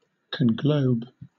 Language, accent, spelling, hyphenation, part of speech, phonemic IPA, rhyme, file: English, Southern England, conglobe, con‧globe, verb, /kəŋˈɡləʊb/, -əʊb, LL-Q1860 (eng)-conglobe.wav
- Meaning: To collect (something) into a round mass; to conglobate